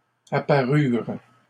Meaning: third-person plural past historic of apparaître
- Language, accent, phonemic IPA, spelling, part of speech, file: French, Canada, /a.pa.ʁyʁ/, apparurent, verb, LL-Q150 (fra)-apparurent.wav